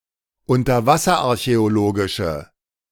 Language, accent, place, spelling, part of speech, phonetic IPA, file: German, Germany, Berlin, unterwasserarchäologische, adjective, [ʊntɐˈvasɐʔaʁçɛoˌloːɡɪʃə], De-unterwasserarchäologische.ogg
- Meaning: inflection of unterwasserarchäologisch: 1. strong/mixed nominative/accusative feminine singular 2. strong nominative/accusative plural 3. weak nominative all-gender singular